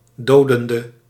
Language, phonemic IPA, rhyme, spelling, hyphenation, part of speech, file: Dutch, /ˈdoː.dən.də/, -oːdəndə, dodende, do‧den‧de, adjective / verb, Nl-dodende.ogg
- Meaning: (adjective) inflection of dodend: 1. masculine/feminine singular attributive 2. definite neuter singular attributive 3. plural attributive